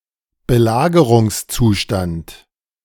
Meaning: state of siege
- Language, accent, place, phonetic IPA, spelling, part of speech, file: German, Germany, Berlin, [bəˈlaːɡəʁʊŋsˌt͡suːʃtant], Belagerungszustand, noun, De-Belagerungszustand.ogg